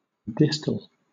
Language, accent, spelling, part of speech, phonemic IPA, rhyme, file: English, Southern England, distal, adjective, /ˈdɪs.təl/, -ɪstəl, LL-Q1860 (eng)-distal.wav
- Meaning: 1. Remote from the point of attachment or origin 2. Facing the wisdom tooth or temporomandibular joint on the same side of the jaw 3. Far or farther from the speaker